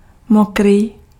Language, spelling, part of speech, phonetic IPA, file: Czech, mokrý, adjective, [ˈmokriː], Cs-mokrý.ogg
- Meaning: wet